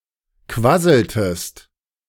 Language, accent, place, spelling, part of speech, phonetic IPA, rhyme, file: German, Germany, Berlin, quasseltest, verb, [ˈkvasl̩təst], -asl̩təst, De-quasseltest.ogg
- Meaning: inflection of quasseln: 1. second-person singular preterite 2. second-person singular subjunctive II